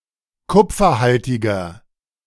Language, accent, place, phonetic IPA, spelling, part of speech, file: German, Germany, Berlin, [ˈkʊp͡fɐˌhaltɪɡɐ], kupferhaltiger, adjective, De-kupferhaltiger.ogg
- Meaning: inflection of kupferhaltig: 1. strong/mixed nominative masculine singular 2. strong genitive/dative feminine singular 3. strong genitive plural